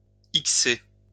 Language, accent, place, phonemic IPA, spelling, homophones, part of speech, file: French, France, Lyon, /ik.se/, ixer, ixé / ixée / ixées / ixés / ixez, verb, LL-Q150 (fra)-ixer.wav
- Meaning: to X-rate; to make X-rated